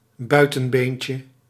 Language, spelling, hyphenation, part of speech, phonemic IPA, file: Dutch, buitenbeentje, bui‧ten‧been‧tje, noun, /ˈbœy̯.tə(n)ˌbeːn.tjə/, Nl-buitenbeentje.ogg
- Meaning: 1. outsider, misfit 2. bastard (person born out of wedlock)